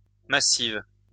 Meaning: feminine singular of massif
- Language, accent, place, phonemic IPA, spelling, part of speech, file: French, France, Lyon, /ma.siv/, massive, adjective, LL-Q150 (fra)-massive.wav